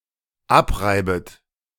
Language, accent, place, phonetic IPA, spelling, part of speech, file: German, Germany, Berlin, [ˈapˌʁaɪ̯bət], abreibet, verb, De-abreibet.ogg
- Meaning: second-person plural dependent subjunctive I of abreiben